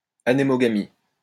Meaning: anemogamy
- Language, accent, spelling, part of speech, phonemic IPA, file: French, France, anémogamie, noun, /a.ne.mɔ.ɡa.mi/, LL-Q150 (fra)-anémogamie.wav